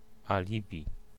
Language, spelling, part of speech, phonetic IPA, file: Polish, alibi, noun, [aˈlʲibʲi], Pl-alibi.ogg